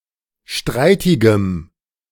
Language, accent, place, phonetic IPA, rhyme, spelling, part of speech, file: German, Germany, Berlin, [ˈʃtʁaɪ̯tɪɡəm], -aɪ̯tɪɡəm, streitigem, adjective, De-streitigem.ogg
- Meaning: strong dative masculine/neuter singular of streitig